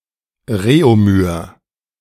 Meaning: Réaumur
- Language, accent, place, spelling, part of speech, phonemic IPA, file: German, Germany, Berlin, Reaumur, noun, /ˈreːomyːɐ̯/, De-Reaumur.ogg